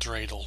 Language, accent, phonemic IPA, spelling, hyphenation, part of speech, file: English, General American, /ˈdɹeɪdl̩/, dreidel, drei‧del, noun, En-us-dreidel.oga